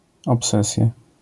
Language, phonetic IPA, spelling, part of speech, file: Polish, [ɔpˈsɛsʲja], obsesja, noun, LL-Q809 (pol)-obsesja.wav